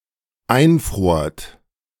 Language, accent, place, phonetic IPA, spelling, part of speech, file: German, Germany, Berlin, [ˈaɪ̯nˌfʁoːɐ̯t], einfrort, verb, De-einfrort.ogg
- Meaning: second-person plural dependent preterite of einfrieren